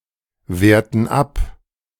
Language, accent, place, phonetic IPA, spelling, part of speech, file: German, Germany, Berlin, [ˌveːɐ̯tn̩ ˈap], werten ab, verb, De-werten ab.ogg
- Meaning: inflection of abwerten: 1. first/third-person plural present 2. first/third-person plural subjunctive I